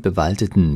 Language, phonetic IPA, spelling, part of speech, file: German, [bəˈvaldətn̩], bewaldeten, adjective, De-bewaldeten.ogg
- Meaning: inflection of bewaldet: 1. strong genitive masculine/neuter singular 2. weak/mixed genitive/dative all-gender singular 3. strong/weak/mixed accusative masculine singular 4. strong dative plural